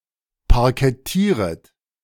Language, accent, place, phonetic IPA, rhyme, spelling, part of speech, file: German, Germany, Berlin, [paʁkɛˈtiːʁət], -iːʁət, parkettieret, verb, De-parkettieret.ogg
- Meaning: second-person plural subjunctive I of parkettieren